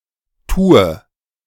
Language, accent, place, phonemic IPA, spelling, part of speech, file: German, Germany, Berlin, /ˈtuːə/, tue, verb, De-tue.ogg
- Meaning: inflection of tun: 1. first-person singular present 2. first/third-person singular subjunctive I 3. singular imperative